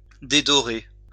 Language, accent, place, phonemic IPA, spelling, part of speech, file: French, France, Lyon, /de.dɔ.ʁe/, dédorer, verb, LL-Q150 (fra)-dédorer.wav
- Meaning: to tarnish